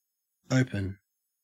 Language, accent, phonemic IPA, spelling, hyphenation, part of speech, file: English, Australia, /ˈəʉ.pən/, open, o‧pen, adjective / verb / noun, En-au-open.ogg
- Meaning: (adjective) Physically unobstructed, uncovered, etc.: 1. Able to have something pass through or along it 2. Not covered, sealed, etc.; having an opening or aperture showing what is inside